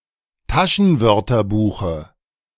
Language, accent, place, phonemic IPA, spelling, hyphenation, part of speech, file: German, Germany, Berlin, /ˈtaʃənˌvœʁtɐbuːxə/, Taschenwörterbuche, Ta‧schen‧wör‧ter‧bu‧che, noun, De-Taschenwörterbuche.ogg
- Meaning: dative singular of Taschenwörterbuch